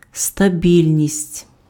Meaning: stability
- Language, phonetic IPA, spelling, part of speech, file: Ukrainian, [stɐˈbʲilʲnʲisʲtʲ], стабільність, noun, Uk-стабільність.ogg